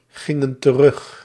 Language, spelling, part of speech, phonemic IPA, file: Dutch, gingen terug, verb, /ˈɣɪŋə(n) t(ə)ˈrʏx/, Nl-gingen terug.ogg
- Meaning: inflection of teruggaan: 1. plural past indicative 2. plural past subjunctive